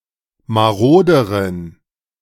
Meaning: inflection of marode: 1. strong genitive masculine/neuter singular comparative degree 2. weak/mixed genitive/dative all-gender singular comparative degree
- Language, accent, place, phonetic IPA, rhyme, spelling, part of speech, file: German, Germany, Berlin, [maˈʁoːdəʁən], -oːdəʁən, maroderen, adjective, De-maroderen.ogg